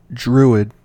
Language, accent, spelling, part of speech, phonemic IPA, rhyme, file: English, US, druid, noun, /ˈdɹu.ɪd/, -uːɪd, En-us-druid.ogg
- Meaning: 1. One of an order of priests among certain groups of Celts before the adoption of Abrahamic religions 2. A priest or mage who uses magic based on nature or trees